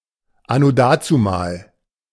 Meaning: in the olden days; a long time ago
- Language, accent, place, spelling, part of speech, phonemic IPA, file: German, Germany, Berlin, anno dazumal, adverb, /ˌa.no ˈdaː.tsuˌmaːl/, De-anno dazumal.ogg